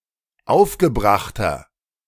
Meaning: inflection of aufgebracht: 1. strong/mixed nominative masculine singular 2. strong genitive/dative feminine singular 3. strong genitive plural
- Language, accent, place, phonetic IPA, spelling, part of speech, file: German, Germany, Berlin, [ˈaʊ̯fɡəˌbʁaxtɐ], aufgebrachter, adjective, De-aufgebrachter.ogg